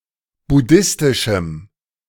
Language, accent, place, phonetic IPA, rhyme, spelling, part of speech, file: German, Germany, Berlin, [bʊˈdɪstɪʃm̩], -ɪstɪʃm̩, buddhistischem, adjective, De-buddhistischem.ogg
- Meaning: strong dative masculine/neuter singular of buddhistisch